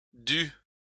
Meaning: third-person singular imperfect subjunctive of devoir
- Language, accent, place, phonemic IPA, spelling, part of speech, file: French, France, Lyon, /dy/, dût, verb, LL-Q150 (fra)-dût.wav